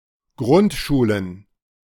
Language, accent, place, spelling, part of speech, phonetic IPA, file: German, Germany, Berlin, Grundschulen, noun, [ˈɡʁʊntˌʃuːlən], De-Grundschulen.ogg
- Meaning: plural of Grundschule